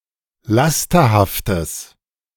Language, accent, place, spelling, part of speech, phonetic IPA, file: German, Germany, Berlin, lasterhaftes, adjective, [ˈlastɐhaftəs], De-lasterhaftes.ogg
- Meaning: strong/mixed nominative/accusative neuter singular of lasterhaft